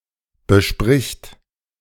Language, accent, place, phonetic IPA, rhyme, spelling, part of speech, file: German, Germany, Berlin, [bəˈʃpʁɪçt], -ɪçt, bespricht, verb, De-bespricht.ogg
- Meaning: third-person singular present of besprechen